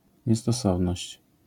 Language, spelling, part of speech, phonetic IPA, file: Polish, niestosowność, noun, [ˌɲɛstɔˈsɔvnɔɕt͡ɕ], LL-Q809 (pol)-niestosowność.wav